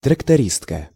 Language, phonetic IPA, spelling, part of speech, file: Russian, [trəktɐˈrʲistkə], трактористка, noun, Ru-трактористка.ogg
- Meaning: female equivalent of трактори́ст (traktoríst): female tractor driver